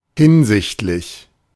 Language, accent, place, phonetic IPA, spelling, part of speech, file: German, Germany, Berlin, [ˈhɪnzɪçtlɪç], hinsichtlich, preposition, De-hinsichtlich.ogg
- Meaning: regarding, concerning, with regard to